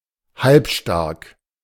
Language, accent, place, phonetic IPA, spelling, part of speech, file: German, Germany, Berlin, [ˈhalpˌʃtaʁk], halbstark, adjective, De-halbstark.ogg
- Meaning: rowdy, disrespectful (especially of teenagers)